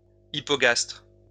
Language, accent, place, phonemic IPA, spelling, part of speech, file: French, France, Lyon, /i.pɔ.ɡastʁ/, hypogastre, noun, LL-Q150 (fra)-hypogastre.wav
- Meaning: hypogastrium